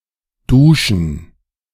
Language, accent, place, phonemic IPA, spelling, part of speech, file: German, Germany, Berlin, /ˈduːʃn̩/, Duschen, noun, De-Duschen.ogg
- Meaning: 1. gerund of duschen 2. plural of Dusche